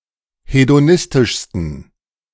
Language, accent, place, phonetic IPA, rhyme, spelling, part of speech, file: German, Germany, Berlin, [hedoˈnɪstɪʃstn̩], -ɪstɪʃstn̩, hedonistischsten, adjective, De-hedonistischsten.ogg
- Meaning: 1. superlative degree of hedonistisch 2. inflection of hedonistisch: strong genitive masculine/neuter singular superlative degree